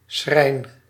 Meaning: 1. shrine, a finely worked container, e.g. for a holy relic 2. shrine, a place of (especially religious) worship
- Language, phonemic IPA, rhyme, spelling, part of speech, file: Dutch, /sxrɛi̯n/, -ɛi̯n, schrijn, noun, Nl-schrijn.ogg